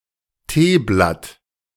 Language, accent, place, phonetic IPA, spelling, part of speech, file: German, Germany, Berlin, [ˈteːblat], Teeblatt, noun, De-Teeblatt.ogg
- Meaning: tea leaf